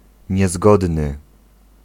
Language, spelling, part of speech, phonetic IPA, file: Polish, niezgodny, adjective, [ɲɛˈzɡɔdnɨ], Pl-niezgodny.ogg